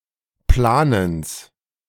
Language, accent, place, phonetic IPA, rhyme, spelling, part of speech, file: German, Germany, Berlin, [ˈplaːnəns], -aːnəns, Planens, noun, De-Planens.ogg
- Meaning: genitive singular of Planen